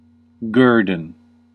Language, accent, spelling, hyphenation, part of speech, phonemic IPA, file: English, US, guerdon, guer‧don, noun / verb, /ˈɡɝ.dən/, En-us-guerdon.ogg
- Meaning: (noun) A reward, prize or recompense for a service; an accolade; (verb) To give such a reward to